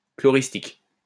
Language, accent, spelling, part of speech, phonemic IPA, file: French, France, chloristique, adjective, /klɔ.ʁis.tik/, LL-Q150 (fra)-chloristique.wav
- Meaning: chloristic